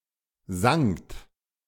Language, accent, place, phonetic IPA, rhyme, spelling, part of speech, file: German, Germany, Berlin, [zaŋt], -aŋt, sangt, verb, De-sangt.ogg
- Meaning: second-person plural preterite of singen